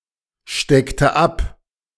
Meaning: inflection of abstecken: 1. first/third-person singular preterite 2. first/third-person singular subjunctive II
- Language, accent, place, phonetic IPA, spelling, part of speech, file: German, Germany, Berlin, [ˌʃtɛktə ˈap], steckte ab, verb, De-steckte ab.ogg